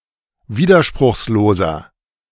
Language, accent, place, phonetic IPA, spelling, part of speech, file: German, Germany, Berlin, [ˈviːdɐʃpʁʊxsloːzɐ], widerspruchsloser, adjective, De-widerspruchsloser.ogg
- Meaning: inflection of widerspruchslos: 1. strong/mixed nominative masculine singular 2. strong genitive/dative feminine singular 3. strong genitive plural